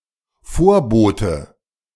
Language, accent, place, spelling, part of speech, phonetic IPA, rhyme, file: German, Germany, Berlin, Vorbote, noun, [ˈfoːɐ̯ˌboːtə], -oːɐ̯boːtə, De-Vorbote.ogg
- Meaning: harbinger